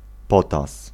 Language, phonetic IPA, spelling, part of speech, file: Polish, [ˈpɔtas], potas, noun, Pl-potas.ogg